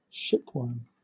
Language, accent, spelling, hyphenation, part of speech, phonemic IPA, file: English, Southern England, shipworm, ship‧worm, noun, /ˈʃɪpwɜːm/, LL-Q1860 (eng)-shipworm.wav